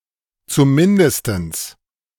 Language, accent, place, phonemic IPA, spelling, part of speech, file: German, Germany, Berlin, /t͡suˈmɪndəstəns/, zumindestens, adverb, De-zumindestens.ogg
- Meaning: at least